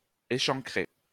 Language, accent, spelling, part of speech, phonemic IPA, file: French, France, échancrer, verb, /e.ʃɑ̃.kʁe/, LL-Q150 (fra)-échancrer.wav
- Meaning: to scallop (cut in the shape of a crescent)